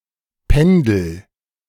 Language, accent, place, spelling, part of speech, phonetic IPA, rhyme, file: German, Germany, Berlin, pendel, verb, [ˈpɛndl̩], -ɛndl̩, De-pendel.ogg
- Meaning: inflection of pendeln: 1. first-person singular present 2. singular imperative